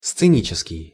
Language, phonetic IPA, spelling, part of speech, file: Russian, [st͡sɨˈnʲit͡ɕɪskʲɪj], сценический, adjective, Ru-сценический.ogg
- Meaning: stage, scenic, theatrical